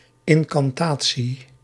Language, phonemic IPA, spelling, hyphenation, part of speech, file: Dutch, /ˌɪŋ.kɑnˈtaː.(t)si/, incantatie, in‧can‧ta‧tie, noun, Nl-incantatie.ogg
- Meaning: 1. incantation, magic spell 2. incantation, any chanted formula